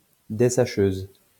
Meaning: an industrial bag-opener that feeds material into a hopper
- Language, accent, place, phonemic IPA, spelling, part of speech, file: French, France, Lyon, /de.sa.ʃøz/, dessacheuse, noun, LL-Q150 (fra)-dessacheuse.wav